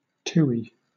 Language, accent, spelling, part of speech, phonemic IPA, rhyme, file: English, Southern England, tui, noun, /ˈtuːi/, -uːi, LL-Q1860 (eng)-tui.wav
- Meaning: A species of honeyeater, Prosthemadera novaeseelandiae, a bird which is endemic to New Zealand